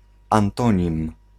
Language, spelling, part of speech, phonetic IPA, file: Polish, antonim, noun, [ãnˈtɔ̃ɲĩm], Pl-antonim.ogg